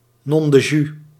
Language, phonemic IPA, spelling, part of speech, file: Dutch, /ˌnɔndəˈdʒy/, nondedju, interjection, Nl-nondedju.ogg
- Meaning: alternative form of nondeju